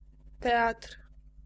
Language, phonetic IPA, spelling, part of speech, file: Polish, [ˈtɛatr̥], teatr, noun, Pl-teatr.ogg